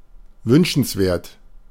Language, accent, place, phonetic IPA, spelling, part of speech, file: German, Germany, Berlin, [ˈvʏnʃn̩sˌveːɐ̯t], wünschenswert, adjective, De-wünschenswert.ogg
- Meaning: 1. desirable 2. preferable